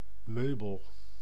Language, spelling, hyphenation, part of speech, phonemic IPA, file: Dutch, meubel, meu‧bel, noun, /ˈmøːbəl/, Nl-meubel.ogg
- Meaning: 1. piece of furniture 2. person who has been around in an organization for a very long time